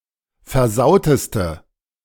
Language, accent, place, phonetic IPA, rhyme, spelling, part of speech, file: German, Germany, Berlin, [fɛɐ̯ˈzaʊ̯təstə], -aʊ̯təstə, versauteste, adjective, De-versauteste.ogg
- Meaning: inflection of versaut: 1. strong/mixed nominative/accusative feminine singular superlative degree 2. strong nominative/accusative plural superlative degree